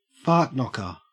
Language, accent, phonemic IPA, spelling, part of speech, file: English, Australia, /ˈfɑɹtˌnɒkəɹ/, fartknocker, noun, En-au-fartknocker.ogg
- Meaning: 1. A contemptible or annoying person 2. A homosexual man 3. An instance of being thrown from, or hitting the ground after being thrown from, a horse